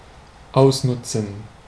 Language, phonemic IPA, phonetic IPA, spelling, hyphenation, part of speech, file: German, /ˈaʊ̯sˌnʊtsən/, [ˈaʊ̯sˌnʊtsn̩], ausnutzen, aus‧nut‧zen, verb, De-ausnutzen.ogg
- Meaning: to exploit (use for one's advantage)